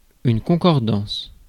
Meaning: accord, agreement, accordance, concurrence, consonance, concord
- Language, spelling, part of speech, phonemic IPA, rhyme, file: French, concordance, noun, /kɔ̃.kɔʁ.dɑ̃s/, -ɑ̃s, Fr-concordance.ogg